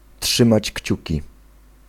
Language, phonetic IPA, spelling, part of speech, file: Polish, [ˈṭʃɨ̃mat͡ɕ ˈct͡ɕüci], trzymać kciuki, phrase, Pl-trzymać kciuki.ogg